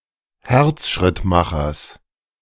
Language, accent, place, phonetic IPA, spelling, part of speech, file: German, Germany, Berlin, [ˈhɛʁt͡sʃʁɪtmaxɐs], Herzschrittmachers, noun, De-Herzschrittmachers.ogg
- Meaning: genitive singular of Herzschrittmacher